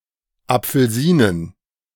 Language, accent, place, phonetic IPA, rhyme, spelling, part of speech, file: German, Germany, Berlin, [ˌap͡fl̩ˈziːnən], -iːnən, Apfelsinen, noun, De-Apfelsinen.ogg
- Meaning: plural of Apfelsine (“orange”)